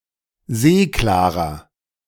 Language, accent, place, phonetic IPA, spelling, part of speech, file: German, Germany, Berlin, [ˈzeːklaːʁɐ], seeklarer, adjective, De-seeklarer.ogg
- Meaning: inflection of seeklar: 1. strong/mixed nominative masculine singular 2. strong genitive/dative feminine singular 3. strong genitive plural